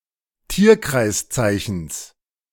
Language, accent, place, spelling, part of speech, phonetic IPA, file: German, Germany, Berlin, Tierkreiszeichens, noun, [ˈtiːɐ̯kʁaɪ̯sˌt͡saɪ̯çn̩s], De-Tierkreiszeichens.ogg
- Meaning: genitive singular of Tierkreiszeichen